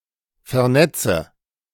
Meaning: inflection of vernetzen: 1. first-person singular present 2. first/third-person singular subjunctive I 3. singular imperative
- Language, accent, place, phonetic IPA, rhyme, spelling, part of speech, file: German, Germany, Berlin, [fɛɐ̯ˈnɛt͡sə], -ɛt͡sə, vernetze, verb, De-vernetze.ogg